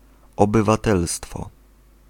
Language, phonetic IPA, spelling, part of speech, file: Polish, [ˌɔbɨvaˈtɛlstfɔ], obywatelstwo, noun, Pl-obywatelstwo.ogg